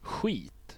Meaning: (noun) 1. shit (excrement) 2. crap, shit (undesirable material) 3. shit (something or someone undesirable or disagreeable, more generally) 4. (something) very bad (in adjectival and adverbial usage)
- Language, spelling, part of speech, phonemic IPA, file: Swedish, skit, noun / interjection / verb, /ˈɧiːt/, Sv-skit.ogg